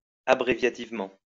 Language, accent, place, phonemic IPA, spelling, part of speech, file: French, France, Lyon, /a.bʁe.vja.tiv.mɑ̃/, abréviativement, adverb, LL-Q150 (fra)-abréviativement.wav
- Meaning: 1. abbreviatively 2. abbreviatedly